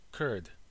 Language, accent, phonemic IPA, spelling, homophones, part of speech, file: English, US, /kɜɹd/, Kurd, curd, noun, En-us-kurd.ogg
- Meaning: A member of the linguistically and culturally distinct people who speak Kurdish and mainly inhabit those parts of Turkey, Iran, Iraq and Syria sometimes known as Kurdistan